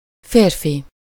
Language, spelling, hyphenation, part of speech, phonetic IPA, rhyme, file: Hungarian, férfi, fér‧fi, noun, [ˈfeːrfi], -fi, Hu-férfi.ogg
- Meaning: man